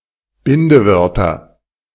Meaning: nominative/accusative/genitive plural of Bindewort
- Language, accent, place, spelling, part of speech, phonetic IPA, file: German, Germany, Berlin, Bindewörter, noun, [ˈbɪndəˌvœʁtɐ], De-Bindewörter.ogg